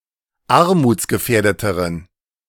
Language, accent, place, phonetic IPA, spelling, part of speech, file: German, Germany, Berlin, [ˈaʁmuːt͡sɡəˌfɛːɐ̯dətəʁən], armutsgefährdeteren, adjective, De-armutsgefährdeteren.ogg
- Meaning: inflection of armutsgefährdet: 1. strong genitive masculine/neuter singular comparative degree 2. weak/mixed genitive/dative all-gender singular comparative degree